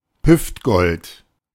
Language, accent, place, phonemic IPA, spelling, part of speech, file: German, Germany, Berlin, /ˈhʏftˌɡɔlt/, Hüftgold, noun, De-Hüftgold.ogg
- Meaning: 1. calorie bomb (food with high caloric content) 2. love handles